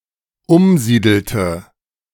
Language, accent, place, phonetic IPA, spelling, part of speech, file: German, Germany, Berlin, [ˈʊmˌziːdl̩tə], umsiedelte, verb, De-umsiedelte.ogg
- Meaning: inflection of umsiedeln: 1. first/third-person singular dependent preterite 2. first/third-person singular dependent subjunctive II